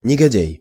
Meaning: scoundrel, villain
- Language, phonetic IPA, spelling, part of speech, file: Russian, [nʲɪɡɐˈdʲæj], негодяй, noun, Ru-негодяй.ogg